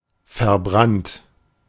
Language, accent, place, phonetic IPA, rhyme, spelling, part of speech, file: German, Germany, Berlin, [fɛɐ̯ˈbʁant], -ant, verbrannt, adjective / verb, De-verbrannt.ogg
- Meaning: past participle of verbrennen